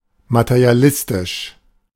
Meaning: materialistic
- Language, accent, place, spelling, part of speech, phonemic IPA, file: German, Germany, Berlin, materialistisch, adjective, /matəʁiaˈlɪstɪʃ/, De-materialistisch.ogg